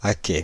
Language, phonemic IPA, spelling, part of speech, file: French, /a.kɛ/, acquêt, noun, Fr-acquêt.ogg
- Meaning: 1. acquisition 2. profit; financial gain 3. community property (goods obtained by the spouses during a marriage which become the property of both)